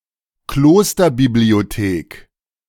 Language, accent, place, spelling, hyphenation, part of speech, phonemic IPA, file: German, Germany, Berlin, Klosterbibliothek, Klos‧ter‧bi‧b‧lio‧thek, noun, /ˈkloːstɐ.bibli̯oˌteːk/, De-Klosterbibliothek.ogg
- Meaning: monastery library